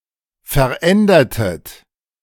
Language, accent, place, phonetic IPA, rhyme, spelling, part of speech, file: German, Germany, Berlin, [fɛɐ̯ˈʔɛndɐtət], -ɛndɐtət, verändertet, verb, De-verändertet.ogg
- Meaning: inflection of verändern: 1. second-person plural preterite 2. second-person plural subjunctive II